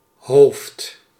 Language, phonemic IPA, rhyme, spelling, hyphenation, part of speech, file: Dutch, /ɦoːft/, -oːft, hoofd, hoofd, noun, Nl-hoofd.ogg
- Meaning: 1. head 2. head (of an organisation), chief, boss 3. a transversal dam or pier at the entrance of a sea harbour 4. oral sex